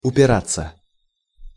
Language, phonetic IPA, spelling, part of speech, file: Russian, [ʊpʲɪˈrat͡sːə], упираться, verb, Ru-упираться.ogg
- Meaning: 1. to rest (against), to set (against) 2. to jib, to balk, to refuse 3. to be hampered, to be held back, to hinge (on) 4. passive of упира́ть (upirátʹ)